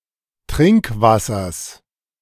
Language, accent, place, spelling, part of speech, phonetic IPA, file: German, Germany, Berlin, Trinkwassers, noun, [ˈtʁɪŋkˌvasɐs], De-Trinkwassers.ogg
- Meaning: genitive singular of Trinkwasser